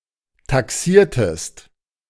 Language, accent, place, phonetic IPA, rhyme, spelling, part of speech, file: German, Germany, Berlin, [taˈksiːɐ̯təst], -iːɐ̯təst, taxiertest, verb, De-taxiertest.ogg
- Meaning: inflection of taxieren: 1. second-person singular preterite 2. second-person singular subjunctive II